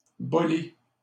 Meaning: bowlful
- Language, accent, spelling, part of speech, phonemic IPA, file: French, Canada, bolée, noun, /bɔ.le/, LL-Q150 (fra)-bolée.wav